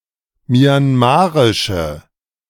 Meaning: inflection of myanmarisch: 1. strong/mixed nominative/accusative feminine singular 2. strong nominative/accusative plural 3. weak nominative all-gender singular
- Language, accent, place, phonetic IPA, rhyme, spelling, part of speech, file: German, Germany, Berlin, [mjanˈmaːʁɪʃə], -aːʁɪʃə, myanmarische, adjective, De-myanmarische.ogg